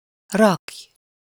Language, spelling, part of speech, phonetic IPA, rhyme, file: Hungarian, rakj, verb, [ˈrɒkç], -ɒkç, Hu-rakj.ogg
- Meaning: second-person singular subjunctive present indefinite of rak